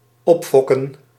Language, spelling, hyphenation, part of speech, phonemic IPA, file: Dutch, opfokken, op‧fok‧ken, verb, /ˈɔpˌfɔ.kə(n)/, Nl-opfokken.ogg
- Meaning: 1. to excite, wind up, stir up 2. to raise, to breed 3. to fuck up